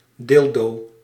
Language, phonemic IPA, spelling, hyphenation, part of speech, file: Dutch, /ˈdɪl.doː/, dildo, dil‧do, noun, Nl-dildo.ogg
- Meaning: dildo